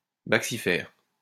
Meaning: bacciferous
- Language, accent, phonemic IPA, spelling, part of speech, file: French, France, /bak.si.fɛʁ/, baccifère, adjective, LL-Q150 (fra)-baccifère.wav